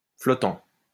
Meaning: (adjective) 1. floating 2. vacillating, fluctuating, indecisive, variable; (verb) present participle of flotter
- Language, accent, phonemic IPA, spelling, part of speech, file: French, France, /flɔ.tɑ̃/, flottant, adjective / verb, LL-Q150 (fra)-flottant.wav